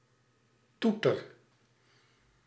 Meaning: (noun) horn, claxon; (adjective) drunk; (verb) inflection of toeteren: 1. first-person singular present indicative 2. second-person singular present indicative 3. imperative
- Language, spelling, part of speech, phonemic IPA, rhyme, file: Dutch, toeter, noun / adjective / verb, /ˈtu.tər/, -utər, Nl-toeter.ogg